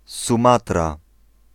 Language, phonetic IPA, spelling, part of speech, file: Polish, [sũˈmatra], Sumatra, proper noun, Pl-Sumatra.ogg